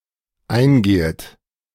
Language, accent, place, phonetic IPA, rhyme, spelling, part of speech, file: German, Germany, Berlin, [ˈaɪ̯nˌɡeːət], -aɪ̯nɡeːət, eingehet, verb, De-eingehet.ogg
- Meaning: second-person plural dependent subjunctive I of eingehen